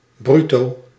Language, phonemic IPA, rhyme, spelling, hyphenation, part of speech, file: Dutch, /ˈbry.toː/, -ytoː, bruto, bru‧to, adjective / adverb, Nl-bruto.ogg
- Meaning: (adjective) gross (excluding deductions)